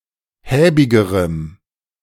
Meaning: strong dative masculine/neuter singular comparative degree of häbig
- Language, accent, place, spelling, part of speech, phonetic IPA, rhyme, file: German, Germany, Berlin, häbigerem, adjective, [ˈhɛːbɪɡəʁəm], -ɛːbɪɡəʁəm, De-häbigerem.ogg